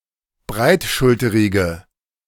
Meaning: inflection of breitschulterig: 1. strong/mixed nominative/accusative feminine singular 2. strong nominative/accusative plural 3. weak nominative all-gender singular
- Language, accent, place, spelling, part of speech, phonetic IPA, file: German, Germany, Berlin, breitschulterige, adjective, [ˈbʁaɪ̯tˌʃʊltəʁɪɡə], De-breitschulterige.ogg